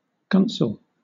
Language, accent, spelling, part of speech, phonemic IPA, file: English, Southern England, gunsel, noun, /ˈɡʌnsəl/, LL-Q1860 (eng)-gunsel.wav
- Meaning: 1. Synonym of catamite: a young man kept by an elder as a (usually passive) homosexual partner 2. Synonym of bottom: a passive partner in a male homosexual relationship